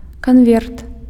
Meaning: envelope
- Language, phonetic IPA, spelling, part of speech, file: Belarusian, [kanˈvʲert], канверт, noun, Be-канверт.ogg